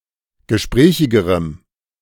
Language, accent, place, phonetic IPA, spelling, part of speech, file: German, Germany, Berlin, [ɡəˈʃpʁɛːçɪɡəʁəm], gesprächigerem, adjective, De-gesprächigerem.ogg
- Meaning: strong dative masculine/neuter singular comparative degree of gesprächig